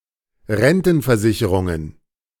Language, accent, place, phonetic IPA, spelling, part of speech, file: German, Germany, Berlin, [ˈʁɛntn̩fɛɐ̯ˌzɪçəʁʊŋən], Rentenversicherungen, noun, De-Rentenversicherungen.ogg
- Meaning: plural of Rentenversicherung